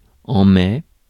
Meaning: May (month)
- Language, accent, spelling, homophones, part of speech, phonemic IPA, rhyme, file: French, France, mai, maie / maies / mais / met, noun, /mɛ/, -ɛ, Fr-mai.ogg